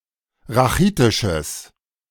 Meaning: strong/mixed nominative/accusative neuter singular of rachitisch
- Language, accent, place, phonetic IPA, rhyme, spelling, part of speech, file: German, Germany, Berlin, [ʁaˈxiːtɪʃəs], -iːtɪʃəs, rachitisches, adjective, De-rachitisches.ogg